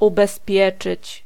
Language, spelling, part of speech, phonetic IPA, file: Polish, ubezpieczyć, verb, [ˌubɛˈspʲjɛt͡ʃɨt͡ɕ], Pl-ubezpieczyć.ogg